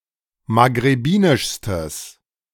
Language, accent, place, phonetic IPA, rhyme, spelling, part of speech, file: German, Germany, Berlin, [maɡʁeˈbiːnɪʃstəs], -iːnɪʃstəs, maghrebinischstes, adjective, De-maghrebinischstes.ogg
- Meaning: strong/mixed nominative/accusative neuter singular superlative degree of maghrebinisch